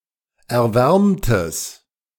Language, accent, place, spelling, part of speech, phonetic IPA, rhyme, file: German, Germany, Berlin, erwärmtes, adjective, [ɛɐ̯ˈvɛʁmtəs], -ɛʁmtəs, De-erwärmtes.ogg
- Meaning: strong/mixed nominative/accusative neuter singular of erwärmt